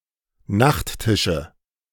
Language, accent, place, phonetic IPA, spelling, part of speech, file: German, Germany, Berlin, [ˈnaxtˌtɪʃə], Nachttische, noun, De-Nachttische.ogg
- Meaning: nominative/accusative/genitive plural of Nachttisch